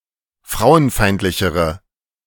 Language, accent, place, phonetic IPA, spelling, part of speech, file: German, Germany, Berlin, [ˈfʁaʊ̯ənˌfaɪ̯ntlɪçəʁə], frauenfeindlichere, adjective, De-frauenfeindlichere.ogg
- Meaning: inflection of frauenfeindlich: 1. strong/mixed nominative/accusative feminine singular comparative degree 2. strong nominative/accusative plural comparative degree